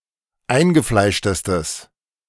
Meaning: strong/mixed nominative/accusative neuter singular superlative degree of eingefleischt
- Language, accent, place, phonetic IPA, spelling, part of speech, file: German, Germany, Berlin, [ˈaɪ̯nɡəˌflaɪ̯ʃtəstəs], eingefleischtestes, adjective, De-eingefleischtestes.ogg